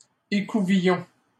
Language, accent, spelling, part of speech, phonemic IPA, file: French, Canada, écouvillon, noun, /e.ku.vi.jɔ̃/, LL-Q150 (fra)-écouvillon.wav
- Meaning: 1. swab 2. cleaning rod